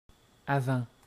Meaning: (adverb) beforehand; earlier; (preposition) 1. before (in time) 2. before (in space), in front of, ahead of; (noun) 1. front 2. forward
- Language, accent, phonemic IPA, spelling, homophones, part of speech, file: French, Canada, /a.vɑ̃/, avant, avants / avent / Avent, adverb / preposition / noun, Qc-avant.ogg